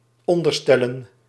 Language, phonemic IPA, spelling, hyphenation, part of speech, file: Dutch, /ˈɔn.dərˌstɛ.lə(n)/, onderstellen, on‧der‧stel‧len, noun, Nl-onderstellen.ogg
- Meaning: plural of onderstel